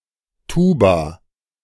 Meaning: 1. tuba (wind instrument) 2. a tubular organ, such as the Fallopian tube
- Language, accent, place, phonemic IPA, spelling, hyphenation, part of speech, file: German, Germany, Berlin, /ˈtuːba/, Tuba, Tu‧ba, noun, De-Tuba.ogg